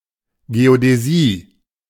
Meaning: geodesy
- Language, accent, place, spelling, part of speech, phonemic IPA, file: German, Germany, Berlin, Geodäsie, noun, /ˌɡeodɛˈziː/, De-Geodäsie.ogg